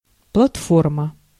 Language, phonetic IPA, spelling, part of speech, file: Russian, [pɫɐtˈformə], платформа, noun, Ru-платформа.ogg
- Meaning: 1. platform 2. goods truck, flatcar 3. platform sole